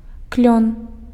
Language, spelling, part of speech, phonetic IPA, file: Belarusian, клён, noun, [klʲon], Be-клён.ogg
- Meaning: 1. maple (genus Acer; tree) 2. maple (wood)